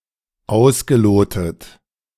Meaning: past participle of ausloten
- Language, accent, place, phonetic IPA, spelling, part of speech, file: German, Germany, Berlin, [ˈaʊ̯sɡəˌloːtət], ausgelotet, verb, De-ausgelotet.ogg